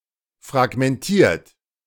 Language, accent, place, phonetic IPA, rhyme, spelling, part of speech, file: German, Germany, Berlin, [fʁaɡmɛnˈtiːɐ̯t], -iːɐ̯t, fragmentiert, adjective / verb, De-fragmentiert.ogg
- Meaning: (verb) past participle of fragmentieren; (adjective) fragmented; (verb) inflection of fragmentieren: 1. third-person singular present 2. second-person plural present 3. plural imperative